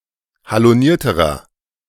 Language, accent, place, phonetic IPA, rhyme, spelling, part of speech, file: German, Germany, Berlin, [haloˈniːɐ̯təʁɐ], -iːɐ̯təʁɐ, halonierterer, adjective, De-halonierterer.ogg
- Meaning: inflection of haloniert: 1. strong/mixed nominative masculine singular comparative degree 2. strong genitive/dative feminine singular comparative degree 3. strong genitive plural comparative degree